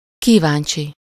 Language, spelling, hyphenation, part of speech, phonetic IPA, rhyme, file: Hungarian, kíváncsi, kí‧ván‧csi, adjective, [ˈkiːvaːnt͡ʃi], -t͡ʃi, Hu-kíváncsi.ogg
- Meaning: curious